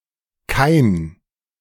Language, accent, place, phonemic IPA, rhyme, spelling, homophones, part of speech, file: German, Germany, Berlin, /kaɪ̯n/, -aɪ̯n, Kain, kein, proper noun, De-Kain.ogg
- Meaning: Cain (Biblical character)